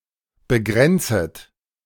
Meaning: second-person plural subjunctive I of begrenzen
- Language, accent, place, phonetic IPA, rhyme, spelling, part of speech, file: German, Germany, Berlin, [bəˈɡʁɛnt͡sət], -ɛnt͡sət, begrenzet, verb, De-begrenzet.ogg